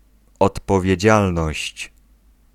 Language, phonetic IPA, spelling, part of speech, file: Polish, [ˌɔtpɔvʲjɛ̇ˈd͡ʑalnɔɕt͡ɕ], odpowiedzialność, noun, Pl-odpowiedzialność.ogg